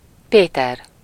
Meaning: a male given name, equivalent to English Peter
- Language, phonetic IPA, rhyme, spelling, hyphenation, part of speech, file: Hungarian, [ˈpeːtɛr], -ɛr, Péter, Pé‧ter, proper noun, Hu-Péter.ogg